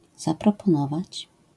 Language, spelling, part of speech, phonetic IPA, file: Polish, zaproponować, verb, [ˌzaprɔpɔ̃ˈnɔvat͡ɕ], LL-Q809 (pol)-zaproponować.wav